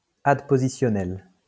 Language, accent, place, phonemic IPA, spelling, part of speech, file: French, France, Lyon, /ad.po.zi.sjɔ.nɛl/, adpositionnel, adjective, LL-Q150 (fra)-adpositionnel.wav
- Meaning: adpositional